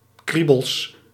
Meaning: plural of kriebel
- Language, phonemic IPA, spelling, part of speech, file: Dutch, /ˈkribəls/, kriebels, noun, Nl-kriebels.ogg